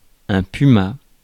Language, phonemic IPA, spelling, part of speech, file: French, /py.ma/, puma, noun, Fr-puma.ogg
- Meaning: puma (mammal)